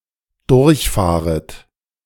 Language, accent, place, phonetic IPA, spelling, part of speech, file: German, Germany, Berlin, [ˈdʊʁçˌfaːʁət], durchfahret, verb, De-durchfahret.ogg
- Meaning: second-person plural dependent subjunctive I of durchfahren